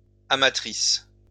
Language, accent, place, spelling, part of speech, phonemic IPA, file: French, France, Lyon, amatrices, adjective, /a.ma.tʁis/, LL-Q150 (fra)-amatrices.wav
- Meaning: feminine plural of amateur